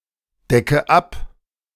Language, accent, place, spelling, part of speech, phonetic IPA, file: German, Germany, Berlin, decke ab, verb, [ˌdɛkə ˈap], De-decke ab.ogg
- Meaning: inflection of abdecken: 1. first-person singular present 2. first/third-person singular subjunctive I 3. singular imperative